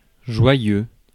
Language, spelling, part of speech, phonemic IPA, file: French, joyeux, adjective, /ʒwa.jø/, Fr-joyeux.ogg
- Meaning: joyful, happy